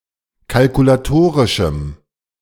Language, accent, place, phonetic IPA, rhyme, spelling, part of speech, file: German, Germany, Berlin, [kalkulaˈtoːʁɪʃm̩], -oːʁɪʃm̩, kalkulatorischem, adjective, De-kalkulatorischem.ogg
- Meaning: strong dative masculine/neuter singular of kalkulatorisch